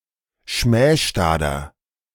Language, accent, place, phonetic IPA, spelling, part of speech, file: German, Germany, Berlin, [ˈʃmɛːʃtaːdɐ], schmähstader, adjective, De-schmähstader.ogg
- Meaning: inflection of schmähstad: 1. strong/mixed nominative masculine singular 2. strong genitive/dative feminine singular 3. strong genitive plural